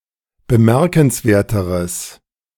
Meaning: strong/mixed nominative/accusative neuter singular comparative degree of bemerkenswert
- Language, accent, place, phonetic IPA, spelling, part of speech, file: German, Germany, Berlin, [bəˈmɛʁkn̩sˌveːɐ̯təʁəs], bemerkenswerteres, adjective, De-bemerkenswerteres.ogg